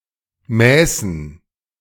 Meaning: first/third-person plural subjunctive II of messen
- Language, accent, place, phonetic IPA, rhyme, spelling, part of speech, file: German, Germany, Berlin, [ˈmɛːsn̩], -ɛːsn̩, mäßen, verb, De-mäßen.ogg